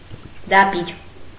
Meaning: 1. debir (the innermost part of the Holy of Holies in the Temple in Jerusalem) 2. sanctuary
- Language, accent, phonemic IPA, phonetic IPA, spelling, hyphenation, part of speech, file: Armenian, Eastern Armenian, /dɑˈbiɾ/, [dɑbíɾ], դաբիր, դա‧բիր, noun, Hy-դաբիր.ogg